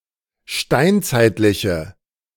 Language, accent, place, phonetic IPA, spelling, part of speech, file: German, Germany, Berlin, [ˈʃtaɪ̯nt͡saɪ̯tlɪçə], steinzeitliche, adjective, De-steinzeitliche.ogg
- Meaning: inflection of steinzeitlich: 1. strong/mixed nominative/accusative feminine singular 2. strong nominative/accusative plural 3. weak nominative all-gender singular